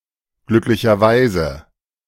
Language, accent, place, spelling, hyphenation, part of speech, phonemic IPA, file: German, Germany, Berlin, glücklicherweise, glück‧li‧cher‧wei‧se, adverb, /ˈɡlʏklɪçɐˌvaɪ̯zə/, De-glücklicherweise.ogg
- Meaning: fortunately; luckily